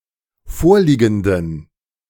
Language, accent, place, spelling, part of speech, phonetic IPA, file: German, Germany, Berlin, vorliegenden, adjective, [ˈfoːɐ̯ˌliːɡn̩dən], De-vorliegenden.ogg
- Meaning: inflection of vorliegend: 1. strong genitive masculine/neuter singular 2. weak/mixed genitive/dative all-gender singular 3. strong/weak/mixed accusative masculine singular 4. strong dative plural